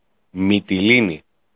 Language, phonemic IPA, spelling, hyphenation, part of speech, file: Greek, /mi.tiˈli.ni/, Μυτιλήνη, Μυ‧τι‧λή‧νη, proper noun, El-Μυτιλήνη.ogg
- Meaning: 1. Mytilene (main town on the island of Lesbos) 2. Mytilene, Lesbos (third largest island in Greece)